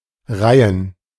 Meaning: 1. archaic form of Reigen 2. plural of Reihe
- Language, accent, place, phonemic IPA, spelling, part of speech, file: German, Germany, Berlin, /ˈʁaɪ̯ən/, Reihen, noun, De-Reihen.ogg